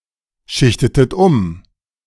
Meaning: inflection of umschichten: 1. second-person plural preterite 2. second-person plural subjunctive II
- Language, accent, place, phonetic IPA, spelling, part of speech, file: German, Germany, Berlin, [ˌʃɪçtətət ˈʊm], schichtetet um, verb, De-schichtetet um.ogg